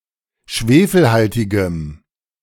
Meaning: strong dative masculine/neuter singular of schwefelhaltig
- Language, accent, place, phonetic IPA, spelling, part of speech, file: German, Germany, Berlin, [ˈʃveːfl̩ˌhaltɪɡəm], schwefelhaltigem, adjective, De-schwefelhaltigem.ogg